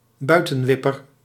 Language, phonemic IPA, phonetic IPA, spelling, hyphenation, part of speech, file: Dutch, /ˈbœy̯.tə(n)ˌʋɪ.pər/, [ˈbœː.tə(n)ˌβ̞ɪ.pər], buitenwipper, bui‧ten‧wip‧per, noun, Nl-buitenwipper.ogg
- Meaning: bouncer